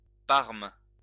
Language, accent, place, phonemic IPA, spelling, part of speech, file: French, France, Lyon, /paʁm/, parme, noun, LL-Q150 (fra)-parme.wav
- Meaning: 1. mauve (colour) 2. Parma ham, prosciutto